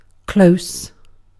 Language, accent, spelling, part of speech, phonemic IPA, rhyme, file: English, UK, close, adjective / adverb / noun, /kləʊs/, -əʊs, En-uk-close.ogg
- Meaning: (adjective) Having little difference or distance in place, position, or abstractly; see also close to.: At little distance; near in space or time